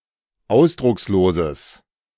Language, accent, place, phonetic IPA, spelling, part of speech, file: German, Germany, Berlin, [ˈaʊ̯sdʁʊksloːzəs], ausdrucksloses, adjective, De-ausdrucksloses.ogg
- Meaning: strong/mixed nominative/accusative neuter singular of ausdruckslos